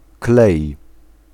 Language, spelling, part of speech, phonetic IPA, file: Polish, klej, noun / verb, [klɛj], Pl-klej.ogg